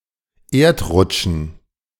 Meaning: dative plural of Erdrutsch
- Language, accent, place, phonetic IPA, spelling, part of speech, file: German, Germany, Berlin, [ˈeːɐ̯tˌʁʊt͡ʃn̩], Erdrutschen, noun, De-Erdrutschen.ogg